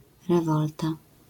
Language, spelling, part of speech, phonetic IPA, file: Polish, rewolta, noun, [rɛˈvɔlta], LL-Q809 (pol)-rewolta.wav